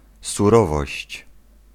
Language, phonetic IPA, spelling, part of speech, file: Polish, [suˈrɔvɔɕt͡ɕ], surowość, noun, Pl-surowość.ogg